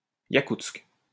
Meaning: Yakutsk (the capital city of Sakha, Russia)
- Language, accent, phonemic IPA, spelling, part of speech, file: French, France, /ja.kutsk/, Iakoutsk, proper noun, LL-Q150 (fra)-Iakoutsk.wav